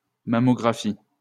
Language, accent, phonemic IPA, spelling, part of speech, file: French, France, /ma.mɔ.ɡʁa.fi/, mammographie, noun, LL-Q150 (fra)-mammographie.wav
- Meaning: mammography